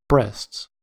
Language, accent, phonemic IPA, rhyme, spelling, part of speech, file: English, US, /bɹɛsts/, -ɛsts, breasts, noun / verb, En-us-breasts.ogg
- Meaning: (noun) plural of breast; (verb) third-person singular simple present indicative of breast